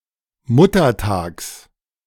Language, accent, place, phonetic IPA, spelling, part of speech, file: German, Germany, Berlin, [ˈmʊtɐˌtaːks], Muttertags, noun, De-Muttertags.ogg
- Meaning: genitive singular of Muttertag